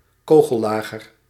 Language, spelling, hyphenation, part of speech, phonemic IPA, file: Dutch, kogellager, ko‧gel‧la‧ger, noun, /ˈkoː.ɣə(l)ˌlaː.ɣər/, Nl-kogellager.ogg
- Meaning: ball bearing